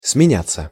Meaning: 1. to turn, to change 2. to alternate, to take turns 3. to be relieved 4. passive of сменя́ть (smenjátʹ) 5. to exchange, to swap
- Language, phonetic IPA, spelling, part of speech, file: Russian, [smʲɪˈnʲat͡sːə], сменяться, verb, Ru-сменяться.ogg